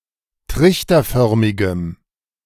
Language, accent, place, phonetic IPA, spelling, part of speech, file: German, Germany, Berlin, [ˈtʁɪçtɐˌfœʁmɪɡəm], trichterförmigem, adjective, De-trichterförmigem.ogg
- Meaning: strong dative masculine/neuter singular of trichterförmig